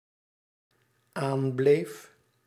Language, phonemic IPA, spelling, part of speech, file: Dutch, /ˈamblef/, aanbleef, verb, Nl-aanbleef.ogg
- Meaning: singular dependent-clause past indicative of aanblijven